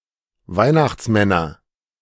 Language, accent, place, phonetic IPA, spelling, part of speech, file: German, Germany, Berlin, [ˈvaɪ̯naxt͡sˌmɛnɐ], Weihnachtsmänner, noun, De-Weihnachtsmänner.ogg
- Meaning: nominative/accusative/genitive plural of Weihnachtsmann